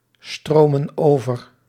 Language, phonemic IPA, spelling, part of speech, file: Dutch, /ˈstromə(n) ˈovər/, stromen over, verb, Nl-stromen over.ogg
- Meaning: inflection of overstromen: 1. plural present indicative 2. plural present subjunctive